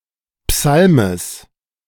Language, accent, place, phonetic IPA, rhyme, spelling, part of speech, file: German, Germany, Berlin, [ˈpsalməs], -alməs, Psalmes, noun, De-Psalmes.ogg
- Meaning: genitive singular of Psalm